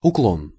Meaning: 1. inclination, rake 2. slope, declivity, gradient 3. bias 4. deviation (heretical belief, especially relative to a prescribed form of Communism)
- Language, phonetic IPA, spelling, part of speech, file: Russian, [ʊˈkɫon], уклон, noun, Ru-уклон.ogg